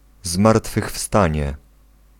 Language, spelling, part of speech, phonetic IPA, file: Polish, zmartwychwstanie, noun, [ˌzmartfɨxˈfstãɲɛ], Pl-zmartwychwstanie.ogg